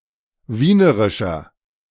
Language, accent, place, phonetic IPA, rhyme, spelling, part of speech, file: German, Germany, Berlin, [ˈviːnəʁɪʃɐ], -iːnəʁɪʃɐ, wienerischer, adjective, De-wienerischer.ogg
- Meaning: inflection of wienerisch: 1. strong/mixed nominative masculine singular 2. strong genitive/dative feminine singular 3. strong genitive plural